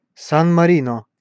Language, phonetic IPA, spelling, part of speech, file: Russian, [san mɐˈrʲinə], Сан-Марино, proper noun, Ru-Сан-Марино.ogg
- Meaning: 1. San Marino (a landlocked microstate in Southern Europe, located within the borders of Italy) 2. San Marino (the capital city of San Marino)